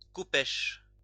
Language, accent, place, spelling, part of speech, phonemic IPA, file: French, France, Lyon, khopesh, noun, /ko.pɛʃ/, LL-Q150 (fra)-khopesh.wav
- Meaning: alternative form of khépesh